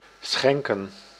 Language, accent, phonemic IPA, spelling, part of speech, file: Dutch, Netherlands, /ˈsxɛŋ.kə(n)/, schenken, verb, Nl-schenken.ogg
- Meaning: 1. to give as a present, to gift 2. to pour from a vessel